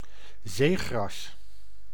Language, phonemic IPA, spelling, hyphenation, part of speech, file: Dutch, /ˈzeː.ɣrɑs/, zeegras, zee‧gras, noun, Nl-zeegras.ogg
- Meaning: 1. eelgrass, plant of the genus Zostera 2. seaweed